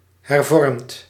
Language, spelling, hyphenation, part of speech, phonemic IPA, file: Dutch, hervormd, her‧vormd, adjective / verb, /ɦɛrˈvɔrmt/, Nl-hervormd.ogg
- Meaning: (adjective) 1. Reformed; (referring to the Netherlands) pertaining to the Dutch Reformed Church and its traditions 2. reformed; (verb) past participle of hervormen